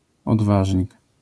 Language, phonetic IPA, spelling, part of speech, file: Polish, [ɔdˈvaʒʲɲik], odważnik, noun, LL-Q809 (pol)-odważnik.wav